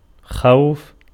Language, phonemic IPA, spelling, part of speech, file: Arabic, /xawf/, خوف, noun, Ar-خوف.ogg
- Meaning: 1. verbal noun of خَافَ (ḵāfa) (form I) 2. fear (of sth مِن (min))